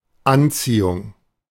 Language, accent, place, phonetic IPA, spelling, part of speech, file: German, Germany, Berlin, [ˈanˌt͡siːʊŋ], Anziehung, noun, De-Anziehung.ogg
- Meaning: attraction; pull; draw